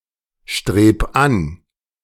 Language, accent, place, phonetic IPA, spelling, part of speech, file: German, Germany, Berlin, [ˌʃtʁeːp ˈan], streb an, verb, De-streb an.ogg
- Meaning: 1. singular imperative of anstreben 2. first-person singular present of anstreben